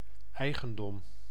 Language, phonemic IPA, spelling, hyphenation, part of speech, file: Dutch, /ˈɛi̯ɣə(n)ˌdɔm/, eigendom, ei‧gen‧dom, noun, Nl-eigendom.ogg
- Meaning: 1. property, possession 2. ownership